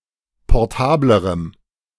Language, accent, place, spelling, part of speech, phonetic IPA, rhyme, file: German, Germany, Berlin, portablerem, adjective, [pɔʁˈtaːbləʁəm], -aːbləʁəm, De-portablerem.ogg
- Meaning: strong dative masculine/neuter singular comparative degree of portabel